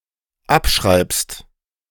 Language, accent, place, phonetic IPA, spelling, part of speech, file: German, Germany, Berlin, [ˈapˌʃʁaɪ̯pst], abschreibst, verb, De-abschreibst.ogg
- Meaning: second-person singular dependent present of abschreiben